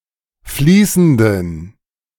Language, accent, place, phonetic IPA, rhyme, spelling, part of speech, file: German, Germany, Berlin, [ˈfliːsn̩dən], -iːsn̩dən, fließenden, adjective, De-fließenden.ogg
- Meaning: inflection of fließend: 1. strong genitive masculine/neuter singular 2. weak/mixed genitive/dative all-gender singular 3. strong/weak/mixed accusative masculine singular 4. strong dative plural